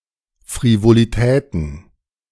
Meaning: plural of Frivolität
- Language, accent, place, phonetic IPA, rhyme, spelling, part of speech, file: German, Germany, Berlin, [fʁivoliˈtɛːtn̩], -ɛːtn̩, Frivolitäten, noun, De-Frivolitäten.ogg